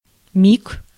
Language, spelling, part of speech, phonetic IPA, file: Russian, миг, noun, [mʲik], Ru-миг.ogg
- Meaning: moment, instant